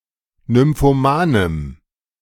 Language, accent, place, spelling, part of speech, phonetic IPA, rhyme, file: German, Germany, Berlin, nymphomanem, adjective, [nʏmfoˈmaːnəm], -aːnəm, De-nymphomanem.ogg
- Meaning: strong dative masculine/neuter singular of nymphoman